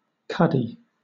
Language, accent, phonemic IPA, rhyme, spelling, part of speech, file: English, Southern England, /ˈkʌdi/, -ʌdi, cuddy, noun, LL-Q1860 (eng)-cuddy.wav
- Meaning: 1. A cabin, for the use of the captain, in the after part of a sailing ship under the poop deck 2. A small cupboard or closet 3. A donkey, especially one driven by a huckster or greengrocer